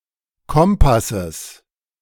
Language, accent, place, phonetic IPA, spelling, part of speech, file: German, Germany, Berlin, [ˈkɔmpasəs], Kompasses, noun, De-Kompasses.ogg
- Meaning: genitive singular of Kompass